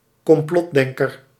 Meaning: conspiracist
- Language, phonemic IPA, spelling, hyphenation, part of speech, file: Dutch, /kɔmˈplɔtˌdɛŋ.kər/, complotdenker, com‧plot‧den‧ker, noun, Nl-complotdenker.ogg